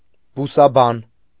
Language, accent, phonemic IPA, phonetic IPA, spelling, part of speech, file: Armenian, Eastern Armenian, /busɑˈbɑn/, [busɑbɑ́n], բուսաբան, noun, Hy-բուսաբան.ogg
- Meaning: botanist